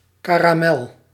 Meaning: 1. caramel (smooth, chewy, sticky confection made by heating sugar and other ingredients until the sugars polymerize and become sticky) 2. a piece (usually block-shaped) of candy made from caramel
- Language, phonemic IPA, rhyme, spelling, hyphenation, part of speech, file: Dutch, /kaː.raːˈmɛl/, -ɛl, karamel, ka‧ra‧mel, noun, Nl-karamel.ogg